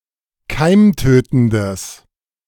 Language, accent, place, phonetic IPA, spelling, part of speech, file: German, Germany, Berlin, [ˈkaɪ̯mˌtøːtn̩dəs], keimtötendes, adjective, De-keimtötendes.ogg
- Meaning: strong/mixed nominative/accusative neuter singular of keimtötend